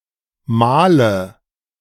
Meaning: inflection of mahlen: 1. first-person singular present 2. first/third-person singular subjunctive I 3. singular imperative
- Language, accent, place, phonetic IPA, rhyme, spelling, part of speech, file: German, Germany, Berlin, [ˈmaːlə], -aːlə, mahle, verb, De-mahle.ogg